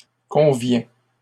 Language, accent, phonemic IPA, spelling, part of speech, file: French, Canada, /kɔ̃.vjɛ̃/, conviens, verb, LL-Q150 (fra)-conviens.wav
- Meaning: inflection of convenir: 1. first/second-person singular present indicative 2. second-person singular imperative